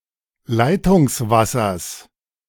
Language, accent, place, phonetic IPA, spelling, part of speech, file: German, Germany, Berlin, [ˈlaɪ̯tʊŋsˌvasɐs], Leitungswassers, noun, De-Leitungswassers.ogg
- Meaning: genitive singular of Leitungswasser